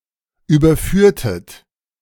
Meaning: inflection of überführen: 1. second-person plural preterite 2. second-person plural subjunctive II
- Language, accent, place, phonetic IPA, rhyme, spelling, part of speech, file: German, Germany, Berlin, [ˌyːbɐˈfyːɐ̯tət], -yːɐ̯tət, überführtet, verb, De-überführtet.ogg